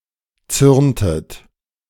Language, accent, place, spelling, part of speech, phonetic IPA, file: German, Germany, Berlin, zürntet, verb, [ˈt͡sʏʁntət], De-zürntet.ogg
- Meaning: inflection of zürnen: 1. second-person plural preterite 2. second-person plural subjunctive II